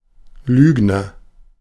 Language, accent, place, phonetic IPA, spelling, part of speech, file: German, Germany, Berlin, [ˈlyːɡnɐ], Lügner, noun, De-Lügner.ogg
- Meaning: liar (one who tells lies) (male or of unspecified gender)